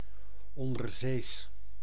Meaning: submarine, undersea
- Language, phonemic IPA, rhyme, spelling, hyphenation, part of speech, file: Dutch, /ˌɔn.dərˈzeːs/, -eːs, onderzees, on‧der‧zees, adjective, Nl-onderzees.ogg